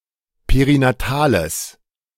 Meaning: strong/mixed nominative/accusative neuter singular of perinatal
- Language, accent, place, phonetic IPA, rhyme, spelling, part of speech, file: German, Germany, Berlin, [peʁinaˈtaːləs], -aːləs, perinatales, adjective, De-perinatales.ogg